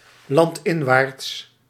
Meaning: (adverb) inland
- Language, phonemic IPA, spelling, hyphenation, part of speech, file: Dutch, /ˌlɑntˈɪn.ʋaːrts/, landinwaarts, land‧in‧waarts, adverb / adjective, Nl-landinwaarts.ogg